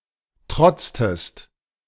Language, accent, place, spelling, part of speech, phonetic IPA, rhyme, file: German, Germany, Berlin, trotztest, verb, [ˈtʁɔt͡stəst], -ɔt͡stəst, De-trotztest.ogg
- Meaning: inflection of trotzen: 1. second-person singular preterite 2. second-person singular subjunctive II